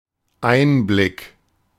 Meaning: insight
- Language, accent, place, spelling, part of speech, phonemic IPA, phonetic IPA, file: German, Germany, Berlin, Einblick, noun, /ˈʔaɪ̯nblɪk/, [ˈʔaɪ̯nblɪkʰ], De-Einblick.ogg